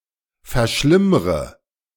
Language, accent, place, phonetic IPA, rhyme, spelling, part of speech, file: German, Germany, Berlin, [fɛɐ̯ˈʃlɪmʁə], -ɪmʁə, verschlimmre, verb, De-verschlimmre.ogg
- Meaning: inflection of verschlimmern: 1. first-person singular present 2. first/third-person singular subjunctive I 3. singular imperative